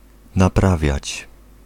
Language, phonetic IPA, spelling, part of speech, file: Polish, [naˈpravʲjät͡ɕ], naprawiać, verb, Pl-naprawiać.ogg